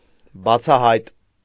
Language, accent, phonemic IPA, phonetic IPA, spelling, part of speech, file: Armenian, Eastern Armenian, /bɑt͡sʰɑˈhɑjt/, [bɑt͡sʰɑhɑ́jt], բացահայտ, adjective, Hy-բացահայտ.ogg
- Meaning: 1. apparent, obvious, known 2. clear, comprehensible